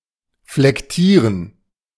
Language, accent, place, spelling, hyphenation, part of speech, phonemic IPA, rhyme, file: German, Germany, Berlin, flektieren, flek‧tie‧ren, verb, /flɛkˈtiːʁən/, -iːʁən, De-flektieren.ogg
- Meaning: 1. to inflect (change the form of a word) 2. to inflect, be inflected (of a word: change its form)